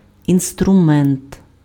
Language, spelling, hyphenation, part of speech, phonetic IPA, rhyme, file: Ukrainian, інструмент, ін‧стру‧мент, noun, [instrʊˈmɛnt], -ɛnt, Uk-інструмент.ogg
- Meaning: 1. instrument, tool, utensil (implement used for manipulation or measurement) 2. tools, instruments (set of) 3. instrument (a device used to produce music)